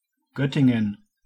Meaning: 1. an independent city in Lower Saxony, Germany 2. a rural district of Lower Saxony, Germany
- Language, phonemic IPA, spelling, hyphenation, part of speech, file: German, /ˈɡœtɪŋən/, Göttingen, Göt‧tin‧gen, proper noun, De-Göttingen.ogg